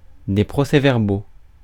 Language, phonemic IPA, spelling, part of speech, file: French, /pʁɔ.sɛ.vɛʁ.bal/, procès-verbal, noun, Fr-procès-verbal.ogg
- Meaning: 1. minutes (of a meeting, etc.) 2. proceedings 3. statement (made to the police) 4. ticket, statement of offense